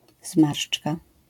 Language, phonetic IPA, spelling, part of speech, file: Polish, [ˈzmarʃt͡ʃka], zmarszczka, noun, LL-Q809 (pol)-zmarszczka.wav